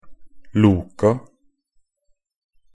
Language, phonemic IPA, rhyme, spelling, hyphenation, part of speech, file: Norwegian Bokmål, /ˈluːka/, -uːka, loka, lo‧ka, noun / verb, Nb-loka.ogg
- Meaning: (noun) definite plural of lok; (verb) simple past and present perfect of loke